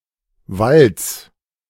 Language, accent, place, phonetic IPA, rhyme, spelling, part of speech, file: German, Germany, Berlin, [valt͡s], -alt͡s, Walds, noun, De-Walds.ogg
- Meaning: genitive singular of Wald